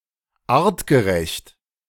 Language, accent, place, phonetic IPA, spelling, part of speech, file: German, Germany, Berlin, [ˈaːʁtɡəˌʁɛçt], artgerecht, adjective, De-artgerecht.ogg
- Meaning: ensuring animal welfare by satisfying the specific requirements of the species held